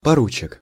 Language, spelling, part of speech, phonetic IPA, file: Russian, поручик, noun, [pɐˈrut͡ɕɪk], Ru-поручик.ogg
- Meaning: lieutenant, first lieutenant